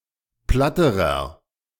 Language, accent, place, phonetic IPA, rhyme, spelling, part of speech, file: German, Germany, Berlin, [ˈplatəʁɐ], -atəʁɐ, platterer, adjective, De-platterer.ogg
- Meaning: inflection of platt: 1. strong/mixed nominative masculine singular comparative degree 2. strong genitive/dative feminine singular comparative degree 3. strong genitive plural comparative degree